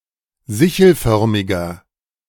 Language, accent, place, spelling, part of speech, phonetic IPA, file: German, Germany, Berlin, sichelförmiger, adjective, [ˈzɪçl̩ˌfœʁmɪɡɐ], De-sichelförmiger.ogg
- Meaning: inflection of sichelförmig: 1. strong/mixed nominative masculine singular 2. strong genitive/dative feminine singular 3. strong genitive plural